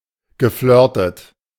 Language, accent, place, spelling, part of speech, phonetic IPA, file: German, Germany, Berlin, geflirtet, verb, [ɡəˈflœːɐ̯tət], De-geflirtet.ogg
- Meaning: past participle of flirten